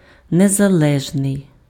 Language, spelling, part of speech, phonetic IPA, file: Ukrainian, незалежний, adjective, [nezɐˈɫɛʒnei̯], Uk-незалежний.ogg
- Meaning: independent